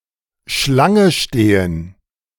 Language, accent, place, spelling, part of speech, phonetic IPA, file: German, Germany, Berlin, Schlange stehen, verb, [ˈʃlaŋə ˌʃteːən], De-Schlange stehen.ogg
- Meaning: to stand in line, to queue